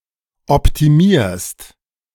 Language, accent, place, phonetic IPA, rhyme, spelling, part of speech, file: German, Germany, Berlin, [ɔptiˈmiːɐ̯st], -iːɐ̯st, optimierst, verb, De-optimierst.ogg
- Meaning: second-person singular present of optimieren